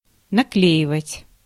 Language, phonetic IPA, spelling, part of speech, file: Russian, [nɐˈklʲeɪvətʲ], наклеивать, verb, Ru-наклеивать.ogg
- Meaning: to stick on, to paste on